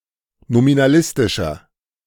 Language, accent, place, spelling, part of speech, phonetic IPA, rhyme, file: German, Germany, Berlin, nominalistischer, adjective, [nominaˈlɪstɪʃɐ], -ɪstɪʃɐ, De-nominalistischer.ogg
- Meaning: inflection of nominalistisch: 1. strong/mixed nominative masculine singular 2. strong genitive/dative feminine singular 3. strong genitive plural